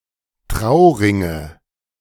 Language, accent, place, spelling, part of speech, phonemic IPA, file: German, Germany, Berlin, Trauringe, noun, /ˈtʁaʊ̯ˌʁɪŋə/, De-Trauringe.ogg
- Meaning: nominative/accusative/genitive plural of Trauring